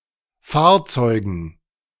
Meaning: dative plural of Fahrzeug
- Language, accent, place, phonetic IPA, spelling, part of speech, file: German, Germany, Berlin, [ˈfaːɐ̯ˌt͡sɔɪ̯ɡn̩], Fahrzeugen, noun, De-Fahrzeugen.ogg